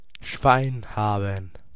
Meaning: to be lucky
- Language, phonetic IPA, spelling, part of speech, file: German, [ʃvaɪ̯n ˈhaːbn̩], Schwein haben, phrase, De-Schwein haben.ogg